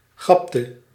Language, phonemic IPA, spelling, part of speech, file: Dutch, /ˈɣɑptə/, gapte, verb, Nl-gapte.ogg
- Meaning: inflection of gappen: 1. singular past indicative 2. singular past subjunctive